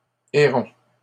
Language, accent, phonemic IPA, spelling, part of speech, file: French, Canada, /e.ʁɔ̃/, hérons, noun, LL-Q150 (fra)-hérons.wav
- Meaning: plural of héron